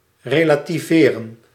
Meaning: to relativize
- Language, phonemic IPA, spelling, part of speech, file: Dutch, /ˌreː.laː.tiˈveː.rə(n)/, relativeren, verb, Nl-relativeren.ogg